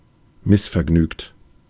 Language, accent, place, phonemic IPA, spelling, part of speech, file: German, Germany, Berlin, /ˈmɪsfɛɐ̯ˌɡnyːkt/, missvergnügt, adjective, De-missvergnügt.ogg
- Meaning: discontented, unhappy